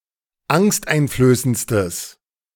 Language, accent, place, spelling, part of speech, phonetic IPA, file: German, Germany, Berlin, angsteinflößendstes, adjective, [ˈaŋstʔaɪ̯nfløːsənt͡stəs], De-angsteinflößendstes.ogg
- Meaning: strong/mixed nominative/accusative neuter singular superlative degree of angsteinflößend